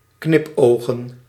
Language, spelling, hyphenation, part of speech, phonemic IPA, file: Dutch, knipogen, knip‧ogen, verb / noun, /ˈknɪpˌoː.ɣə(n)/, Nl-knipogen.ogg
- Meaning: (verb) to wink; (noun) plural of knipoog